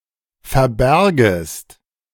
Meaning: second-person singular subjunctive II of verbergen
- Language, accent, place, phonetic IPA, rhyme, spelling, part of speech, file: German, Germany, Berlin, [fɛɐ̯ˈbɛʁɡəst], -ɛʁɡəst, verbärgest, verb, De-verbärgest.ogg